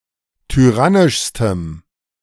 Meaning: strong dative masculine/neuter singular superlative degree of tyrannisch
- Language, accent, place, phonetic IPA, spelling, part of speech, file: German, Germany, Berlin, [tyˈʁanɪʃstəm], tyrannischstem, adjective, De-tyrannischstem.ogg